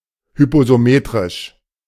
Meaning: hypsometric
- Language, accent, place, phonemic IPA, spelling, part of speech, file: German, Germany, Berlin, /hʏpsoˈmeːtʁɪʃ/, hypsometrisch, adjective, De-hypsometrisch.ogg